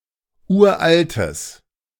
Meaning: strong/mixed nominative/accusative neuter singular of uralt
- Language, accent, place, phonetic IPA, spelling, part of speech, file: German, Germany, Berlin, [ˈuːɐ̯ʔaltəs], uraltes, adjective, De-uraltes.ogg